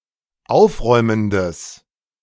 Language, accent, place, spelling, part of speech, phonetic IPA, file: German, Germany, Berlin, aufräumendes, adjective, [ˈaʊ̯fˌʁɔɪ̯məndəs], De-aufräumendes.ogg
- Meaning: strong/mixed nominative/accusative neuter singular of aufräumend